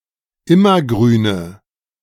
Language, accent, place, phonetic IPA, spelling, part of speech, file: German, Germany, Berlin, [ˈɪmɐˌɡʁyːnə], Immergrüne, noun, De-Immergrüne.ogg
- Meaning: nominative/accusative/genitive plural of Immergrün